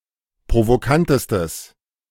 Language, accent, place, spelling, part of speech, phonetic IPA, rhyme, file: German, Germany, Berlin, provokantestes, adjective, [pʁovoˈkantəstəs], -antəstəs, De-provokantestes.ogg
- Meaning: strong/mixed nominative/accusative neuter singular superlative degree of provokant